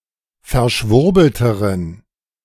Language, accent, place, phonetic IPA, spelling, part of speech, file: German, Germany, Berlin, [fɛɐ̯ˈʃvʊʁbl̩təʁən], verschwurbelteren, adjective, De-verschwurbelteren.ogg
- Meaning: inflection of verschwurbelt: 1. strong genitive masculine/neuter singular comparative degree 2. weak/mixed genitive/dative all-gender singular comparative degree